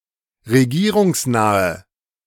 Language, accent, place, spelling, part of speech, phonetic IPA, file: German, Germany, Berlin, regierungsnahe, adjective, [ʁeˈɡiːʁʊŋsˌnaːə], De-regierungsnahe.ogg
- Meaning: inflection of regierungsnah: 1. strong/mixed nominative/accusative feminine singular 2. strong nominative/accusative plural 3. weak nominative all-gender singular